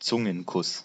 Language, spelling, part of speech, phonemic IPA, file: German, Zungenkuss, noun, /ˈtsʊŋənˌkʊs/, De-Zungenkuss.ogg
- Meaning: French kiss